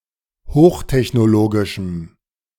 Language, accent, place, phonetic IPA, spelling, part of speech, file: German, Germany, Berlin, [ˈhoːxtɛçnoˌloːɡɪʃm̩], hochtechnologischem, adjective, De-hochtechnologischem.ogg
- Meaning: strong dative masculine/neuter singular of hochtechnologisch